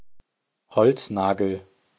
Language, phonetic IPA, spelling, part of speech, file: German, [ˈhɔlt͡sˌnaːɡl̩], Holznagel, noun / proper noun, De-Holznagel.ogg
- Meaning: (noun) a wooden nail; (proper noun) a rather rare surname